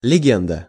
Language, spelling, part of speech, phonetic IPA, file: Russian, легенда, noun, [lʲɪˈɡʲendə], Ru-легенда.ogg
- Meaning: 1. legend 2. cover, cover story